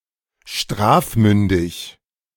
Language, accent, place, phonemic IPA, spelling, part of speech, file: German, Germany, Berlin, /ˈʃtʁaːfˌmʏndɪç/, strafmündig, adjective, De-strafmündig.ogg
- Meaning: old enough to be punished